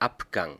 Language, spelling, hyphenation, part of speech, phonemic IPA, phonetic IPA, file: German, Abgang, Ab‧gang, noun, /ˈapˌɡaŋ/, [ˈʔapˌɡaŋ], De-Abgang.ogg
- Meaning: 1. exit 2. departure 3. sale 4. discharge 5. overall sensation after swallowing a wine